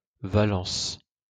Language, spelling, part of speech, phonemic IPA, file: French, Valence, proper noun, /va.lɑ̃s/, LL-Q150 (fra)-Valence.wav
- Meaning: Valence (a city and commune, the capital of the department of Drôme, Auvergne-Rhône-Alpes region, southeastern France)